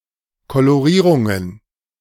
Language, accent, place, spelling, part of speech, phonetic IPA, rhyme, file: German, Germany, Berlin, Kolorierungen, noun, [koloˈʁiːʁʊŋən], -iːʁʊŋən, De-Kolorierungen.ogg
- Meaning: plural of Kolorierung